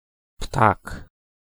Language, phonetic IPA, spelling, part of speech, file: Polish, [ptak], ptak, noun, Pl-ptak.ogg